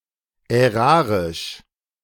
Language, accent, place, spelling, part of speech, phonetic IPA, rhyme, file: German, Germany, Berlin, ärarisch, adjective, [ɛˈʁaːʁɪʃ], -aːʁɪʃ, De-ärarisch.ogg
- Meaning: belonging to the state, being the property of the state